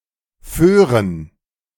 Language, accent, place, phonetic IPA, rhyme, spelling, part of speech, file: German, Germany, Berlin, [ˈføːʁən], -øːʁən, Föhren, proper noun / noun, De-Föhren.ogg
- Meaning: plural of Föhre